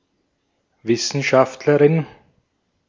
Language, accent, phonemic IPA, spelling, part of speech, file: German, Austria, /ˈvɪsənˌʃaftlɐʁɪn/, Wissenschaftlerin, noun, De-at-Wissenschaftlerin.ogg
- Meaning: scientist, scholar, researcher, academic (female)